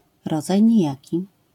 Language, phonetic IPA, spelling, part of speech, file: Polish, [ˈrɔd͡zaj ɲiˈjäci], rodzaj nijaki, noun, LL-Q809 (pol)-rodzaj nijaki.wav